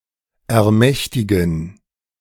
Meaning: 1. to authorize; to empower 2. to achieve command, to obtain control 3. to gain influence (especially involving strong feelings)
- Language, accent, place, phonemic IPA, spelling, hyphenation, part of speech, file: German, Germany, Berlin, /ɛɐ̯ˈmɛçtɪɡn̩/, ermächtigen, er‧mäch‧ti‧gen, verb, De-ermächtigen.ogg